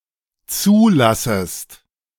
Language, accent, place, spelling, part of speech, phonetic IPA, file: German, Germany, Berlin, zulassest, verb, [ˈt͡suːˌlasəst], De-zulassest.ogg
- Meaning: second-person singular dependent subjunctive I of zulassen